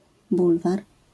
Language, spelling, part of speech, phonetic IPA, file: Polish, bulwar, noun, [ˈbulvar], LL-Q809 (pol)-bulwar.wav